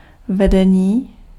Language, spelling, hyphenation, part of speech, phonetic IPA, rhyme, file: Czech, vedení, ve‧de‧ní, noun / adjective, [ˈvɛdɛɲiː], -ɛɲiː, Cs-vedení.ogg
- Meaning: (noun) 1. verbal noun of vést 2. leadership 3. conduction 4. line (electric or communication wire); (adjective) animate masculine nominative/vocative plural of vedený